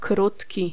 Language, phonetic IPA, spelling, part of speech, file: Polish, [ˈkrutʲci], krótki, adjective, Pl-krótki.ogg